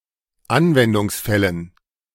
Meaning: dative plural of Anwendungsfall
- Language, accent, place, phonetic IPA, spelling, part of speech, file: German, Germany, Berlin, [ˈanvɛndʊŋsˌfɛlən], Anwendungsfällen, noun, De-Anwendungsfällen.ogg